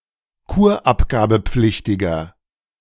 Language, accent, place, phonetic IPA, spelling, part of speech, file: German, Germany, Berlin, [ˈkuːɐ̯ʔapɡaːbəˌp͡flɪçtɪɡɐ], kurabgabepflichtiger, adjective, De-kurabgabepflichtiger.ogg
- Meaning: inflection of kurabgabepflichtig: 1. strong/mixed nominative masculine singular 2. strong genitive/dative feminine singular 3. strong genitive plural